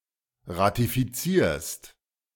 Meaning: second-person singular present of ratifizieren
- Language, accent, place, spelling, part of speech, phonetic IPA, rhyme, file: German, Germany, Berlin, ratifizierst, verb, [ʁatifiˈt͡siːɐ̯st], -iːɐ̯st, De-ratifizierst.ogg